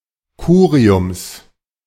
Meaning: genitive singular of Curium
- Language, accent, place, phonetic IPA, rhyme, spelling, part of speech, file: German, Germany, Berlin, [ˈkuːʁiʊms], -uːʁiʊms, Curiums, noun, De-Curiums.ogg